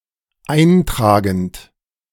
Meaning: present participle of eintragen
- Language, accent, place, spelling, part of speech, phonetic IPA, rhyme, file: German, Germany, Berlin, eintragend, verb, [ˈaɪ̯nˌtʁaːɡn̩t], -aɪ̯ntʁaːɡn̩t, De-eintragend.ogg